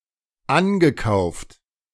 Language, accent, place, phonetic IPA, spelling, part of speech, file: German, Germany, Berlin, [ˈanɡəˌkaʊ̯ft], angekauft, verb, De-angekauft.ogg
- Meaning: past participle of ankaufen